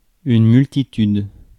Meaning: multitude
- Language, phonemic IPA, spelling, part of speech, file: French, /myl.ti.tyd/, multitude, noun, Fr-multitude.ogg